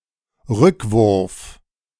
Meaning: throwback
- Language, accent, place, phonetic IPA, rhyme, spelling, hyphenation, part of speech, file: German, Germany, Berlin, [ˈʁʏkˌvʊʁf], -ʊʁf, Rückwurf, Rück‧wurf, noun, De-Rückwurf.ogg